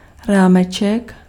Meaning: diminutive of rám
- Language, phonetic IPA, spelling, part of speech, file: Czech, [ˈraːmɛt͡ʃɛk], rámeček, noun, Cs-rámeček.ogg